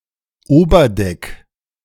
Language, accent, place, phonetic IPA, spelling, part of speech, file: German, Germany, Berlin, [ˈoːbɐˌdɛk], Oberdeck, noun, De-Oberdeck.ogg
- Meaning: top deck, upper deck (of a ship or boat)